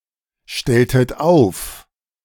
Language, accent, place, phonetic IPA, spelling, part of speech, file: German, Germany, Berlin, [ˌʃtɛltət ˈaʊ̯f], stelltet auf, verb, De-stelltet auf.ogg
- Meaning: inflection of aufstellen: 1. second-person plural preterite 2. second-person plural subjunctive II